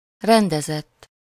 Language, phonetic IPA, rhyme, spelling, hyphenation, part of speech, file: Hungarian, [ˈrɛndɛzɛtː], -ɛtː, rendezett, ren‧de‧zett, verb / adjective, Hu-rendezett.ogg
- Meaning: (verb) 1. third-person singular indicative past indefinite of rendez 2. past participle of rendez: arranged, organized, ordered, sorted (e.g. list), settled (e.g. invoice) etc; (adjective) ordered